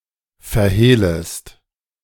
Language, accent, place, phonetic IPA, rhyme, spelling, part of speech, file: German, Germany, Berlin, [fɛɐ̯ˈheːləst], -eːləst, verhehlest, verb, De-verhehlest.ogg
- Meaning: second-person singular subjunctive I of verhehlen